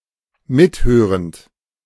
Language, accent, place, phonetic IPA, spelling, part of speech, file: German, Germany, Berlin, [ˈmɪtˌhøːʁənt], mithörend, verb, De-mithörend.ogg
- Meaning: present participle of mithören